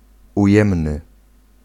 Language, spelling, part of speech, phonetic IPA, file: Polish, ujemny, adjective, [uˈjɛ̃mnɨ], Pl-ujemny.ogg